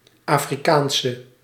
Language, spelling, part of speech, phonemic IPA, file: Dutch, Afrikaanse, adjective / noun, /ˌafriˈkansə/, Nl-Afrikaanse.ogg
- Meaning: inflection of Afrikaans: 1. masculine/feminine singular attributive 2. definite neuter singular attributive 3. plural attributive